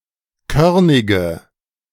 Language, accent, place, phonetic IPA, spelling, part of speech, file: German, Germany, Berlin, [ˈkœʁnɪɡə], körnige, adjective, De-körnige.ogg
- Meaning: inflection of körnig: 1. strong/mixed nominative/accusative feminine singular 2. strong nominative/accusative plural 3. weak nominative all-gender singular 4. weak accusative feminine/neuter singular